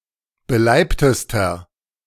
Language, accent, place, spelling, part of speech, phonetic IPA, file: German, Germany, Berlin, beleibtester, adjective, [bəˈlaɪ̯ptəstɐ], De-beleibtester.ogg
- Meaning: inflection of beleibt: 1. strong/mixed nominative masculine singular superlative degree 2. strong genitive/dative feminine singular superlative degree 3. strong genitive plural superlative degree